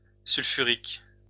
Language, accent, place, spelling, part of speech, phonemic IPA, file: French, France, Lyon, sulfurique, adjective, /syl.fy.ʁik/, LL-Q150 (fra)-sulfurique.wav
- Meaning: sulfuric / sulphuric